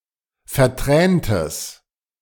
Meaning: strong/mixed nominative/accusative neuter singular of vertränt
- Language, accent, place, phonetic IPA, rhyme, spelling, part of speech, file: German, Germany, Berlin, [fɛɐ̯ˈtʁɛːntəs], -ɛːntəs, verträntes, adjective, De-verträntes.ogg